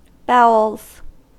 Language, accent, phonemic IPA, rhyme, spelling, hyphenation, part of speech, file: English, General American, /ˈbaʊ.əlz/, -aʊəlz, bowels, bow‧els, noun, En-us-bowels.ogg
- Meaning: 1. The deepest or innermost part 2. The concept or quality that defines something at its very core 3. The intestines 4. Compassion, sympathy 5. The body as the source of offspring 6. plural of bowel